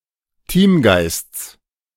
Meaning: genitive singular of Teamgeist
- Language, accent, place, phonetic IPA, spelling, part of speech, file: German, Germany, Berlin, [ˈtiːmˌɡaɪ̯st͡s], Teamgeists, noun, De-Teamgeists.ogg